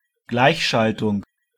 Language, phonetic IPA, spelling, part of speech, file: German, [ˈɡlaɪ̯çˌʃaltʊŋ], Gleichschaltung, noun, De-Gleichschaltung.ogg